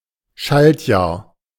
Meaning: leap year
- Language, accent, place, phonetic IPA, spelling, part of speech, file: German, Germany, Berlin, [ˈʃaltˌjaːɐ̯], Schaltjahr, noun, De-Schaltjahr.ogg